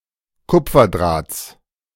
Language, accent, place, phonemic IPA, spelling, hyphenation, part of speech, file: German, Germany, Berlin, /ˈkʊp͡fɐˌdʁaːt͡s/, Kupferdrahts, Kup‧fer‧drahts, noun, De-Kupferdrahts.ogg
- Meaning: genitive singular of Kupferdraht